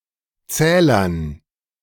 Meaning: dative plural of Zähler
- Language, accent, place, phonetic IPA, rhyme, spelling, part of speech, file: German, Germany, Berlin, [ˈt͡sɛːlɐn], -ɛːlɐn, Zählern, noun, De-Zählern.ogg